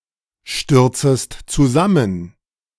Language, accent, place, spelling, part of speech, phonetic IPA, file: German, Germany, Berlin, stürzest zusammen, verb, [ˌʃtʏʁt͡səst t͡suˈzamən], De-stürzest zusammen.ogg
- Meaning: second-person singular subjunctive I of zusammenstürzen